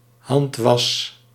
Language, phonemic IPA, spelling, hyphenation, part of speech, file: Dutch, /ˈɦɑnt.ʋɑs/, handwas, hand‧was, noun, Nl-handwas.ogg
- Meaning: washing by hand, usually referring to laundry, dishwashing or food